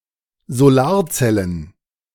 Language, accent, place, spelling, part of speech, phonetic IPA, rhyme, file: German, Germany, Berlin, Solarzellen, noun, [zoˈlaːɐ̯ˌt͡sɛlən], -aːɐ̯t͡sɛlən, De-Solarzellen.ogg
- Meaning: plural of Solarzelle